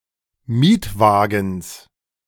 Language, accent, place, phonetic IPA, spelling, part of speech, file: German, Germany, Berlin, [ˈmiːtˌvaːɡn̩s], Mietwagens, noun, De-Mietwagens.ogg
- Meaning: genitive singular of Mietwagen